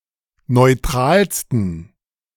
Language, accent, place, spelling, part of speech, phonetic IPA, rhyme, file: German, Germany, Berlin, neutralsten, adjective, [nɔɪ̯ˈtʁaːlstn̩], -aːlstn̩, De-neutralsten.ogg
- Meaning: 1. superlative degree of neutral 2. inflection of neutral: strong genitive masculine/neuter singular superlative degree